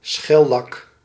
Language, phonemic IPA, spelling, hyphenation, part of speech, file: Dutch, /ˈsxɛ.lɑk/, schellak, schel‧lak, noun, Nl-schellak.ogg
- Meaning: shellac